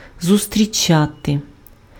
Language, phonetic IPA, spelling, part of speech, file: Ukrainian, [zʊstʲrʲiˈt͡ʃate], зустрічати, verb, Uk-зустрічати.ogg
- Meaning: 1. to meet, to encounter 2. to meet, to receive, to greet